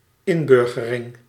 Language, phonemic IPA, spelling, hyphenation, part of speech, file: Dutch, /ˈɪnˌbʏr.ɣə.rɪŋ/, inburgering, in‧bur‧ge‧ring, noun, Nl-inburgering.ogg
- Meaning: integration (into a different community than one's own)